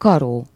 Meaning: 1. stake, post, pole 2. the failing grade, F
- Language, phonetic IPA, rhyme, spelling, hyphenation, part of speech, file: Hungarian, [ˈkɒroː], -roː, karó, ka‧ró, noun, Hu-karó.ogg